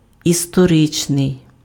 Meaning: 1. historical (of, concerning, or in accordance with history) 2. historic (having significance in history)
- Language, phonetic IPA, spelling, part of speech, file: Ukrainian, [istɔˈrɪt͡ʃnei̯], історичний, adjective, Uk-історичний.ogg